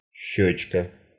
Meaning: diminutive of щека́ (ščeká): (small) cheek
- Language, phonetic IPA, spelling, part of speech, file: Russian, [ˈɕːɵt͡ɕkə], щёчка, noun, Ru-щёчка.ogg